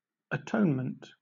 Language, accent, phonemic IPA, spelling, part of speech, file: English, Southern England, /əˈtoʊnmənt/, atonement, noun, LL-Q1860 (eng)-atonement.wav
- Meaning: 1. Making amends to restore a damaged relationship; expiation 2. The reconciliation of God and mankind through the death of Jesus 3. Reconciliation; restoration of friendly relations; concord